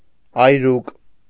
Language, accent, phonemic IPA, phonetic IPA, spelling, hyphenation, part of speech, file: Armenian, Eastern Armenian, /ɑjˈɾuk/, [ɑjɾúk], այրուկ, այ‧րուկ, noun, Hy-այրուկ.ogg
- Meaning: small man, puny man